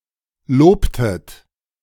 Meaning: inflection of loben: 1. second-person plural preterite 2. second-person plural subjunctive II
- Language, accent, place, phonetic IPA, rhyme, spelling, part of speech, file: German, Germany, Berlin, [ˈloːptət], -oːptət, lobtet, verb, De-lobtet.ogg